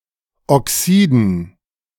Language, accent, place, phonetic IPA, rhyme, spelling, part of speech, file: German, Germany, Berlin, [ɔˈksiːdn̩], -iːdn̩, Oxiden, noun, De-Oxiden.ogg
- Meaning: dative plural of Oxid